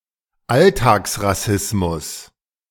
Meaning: everyday racism
- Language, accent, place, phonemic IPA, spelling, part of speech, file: German, Germany, Berlin, /ˈaltaːksʁaˌsɪsmʊs/, Alltagsrassismus, noun, De-Alltagsrassismus.ogg